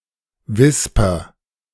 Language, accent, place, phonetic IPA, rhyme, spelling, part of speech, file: German, Germany, Berlin, [ˈvɪspɐ], -ɪspɐ, wisper, verb, De-wisper.ogg
- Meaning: inflection of wispern: 1. first-person singular present 2. singular imperative